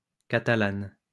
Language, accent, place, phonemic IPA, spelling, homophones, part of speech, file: French, France, Lyon, /ka.ta.lan/, catalane, catalanes, adjective, LL-Q150 (fra)-catalane.wav
- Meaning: feminine singular of catalan